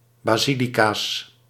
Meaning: plural of basilica
- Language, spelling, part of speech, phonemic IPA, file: Dutch, basilica's, noun, /baˈzilikas/, Nl-basilica's.ogg